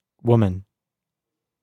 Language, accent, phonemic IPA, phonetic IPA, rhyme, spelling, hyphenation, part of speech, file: English, US, /ˈwʊmən/, [ˈwomɪn], -ʊmən, woman, wom‧an, noun / verb, WomanWav.wav
- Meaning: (noun) 1. An adult female human 2. All female humans collectively; womankind